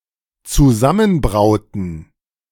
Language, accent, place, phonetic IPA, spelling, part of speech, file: German, Germany, Berlin, [t͡suˈzamənˌbʁaʊ̯tn̩], zusammenbrauten, verb, De-zusammenbrauten.ogg
- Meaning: inflection of zusammenbrauen: 1. first/third-person plural dependent preterite 2. first/third-person plural dependent subjunctive II